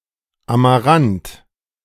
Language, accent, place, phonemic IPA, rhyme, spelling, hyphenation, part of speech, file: German, Germany, Berlin, /amaˈʁant/, -ant, Amarant, Ama‧rant, noun, De-Amarant.ogg
- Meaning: 1. amaranth, pigweed 2. amaranth (color) 3. firefinch